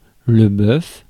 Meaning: 1. ox 2. bullock, steer 3. beef 4. jam session 5. a police officer; a pig
- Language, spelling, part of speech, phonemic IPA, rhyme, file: French, bœuf, noun, /bœf/, -œf, Fr-bœuf.ogg